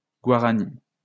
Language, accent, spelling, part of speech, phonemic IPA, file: French, France, guarani, adjective / noun, /ɡwa.ʁa.ni/, LL-Q150 (fra)-guarani.wav
- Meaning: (adjective) Guarani; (noun) 1. Guarani (language, singular only) 2. guaraní (currency)